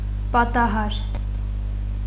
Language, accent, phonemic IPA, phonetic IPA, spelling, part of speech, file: Armenian, Eastern Armenian, /pɑtɑˈhɑɾ/, [pɑtɑhɑ́ɾ], պատահար, noun, Hy-պատահար.ogg
- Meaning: 1. incident; event; accident 2. event